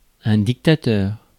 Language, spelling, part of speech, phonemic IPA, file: French, dictateur, noun, /dik.ta.tœʁ/, Fr-dictateur.ogg
- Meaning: dictator